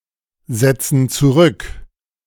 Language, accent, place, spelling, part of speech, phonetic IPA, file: German, Germany, Berlin, setzen zurück, verb, [ˌzɛt͡sn̩ t͡suˈʁʏk], De-setzen zurück.ogg
- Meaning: inflection of zurücksetzen: 1. first/third-person plural present 2. first/third-person plural subjunctive I